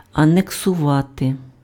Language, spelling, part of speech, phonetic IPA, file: Ukrainian, анексувати, verb, [ɐneksʊˈʋate], Uk-анексувати.ogg
- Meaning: to annex (a territory)